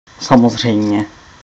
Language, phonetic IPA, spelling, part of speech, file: Czech, [ˈsamozr̝ɛjm̩ɲɛ], samozřejmě, adverb, Cs-samozřejmě.ogg
- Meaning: of course